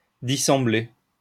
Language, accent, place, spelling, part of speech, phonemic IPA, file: French, France, Lyon, dissembler, verb, /di.sɑ̃.ble/, LL-Q150 (fra)-dissembler.wav
- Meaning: to differ, to be unlike